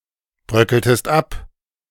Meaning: inflection of abbröckeln: 1. second-person singular preterite 2. second-person singular subjunctive II
- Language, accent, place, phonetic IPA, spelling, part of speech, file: German, Germany, Berlin, [ˌbʁœkəltəst ˈap], bröckeltest ab, verb, De-bröckeltest ab.ogg